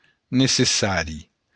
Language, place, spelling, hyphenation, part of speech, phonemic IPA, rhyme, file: Occitan, Béarn, necessari, ne‧ces‧sa‧ri, adjective, /ne.seˈsa.ɾi/, -aɾi, LL-Q14185 (oci)-necessari.wav
- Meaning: necessary (needed, required)